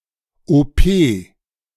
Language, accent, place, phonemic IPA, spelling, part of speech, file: German, Germany, Berlin, /oˈpeː/, OP, noun, De-OP.ogg
- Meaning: 1. short for Operation 2. short for Operationssaal 3. short for Operationsverstärker 4. initialism of operationelles Programm